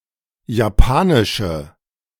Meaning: inflection of japanisch: 1. strong/mixed nominative/accusative feminine singular 2. strong nominative/accusative plural 3. weak nominative all-gender singular
- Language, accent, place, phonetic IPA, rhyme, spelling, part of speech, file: German, Germany, Berlin, [jaˈpaːnɪʃə], -aːnɪʃə, japanische, adjective, De-japanische.ogg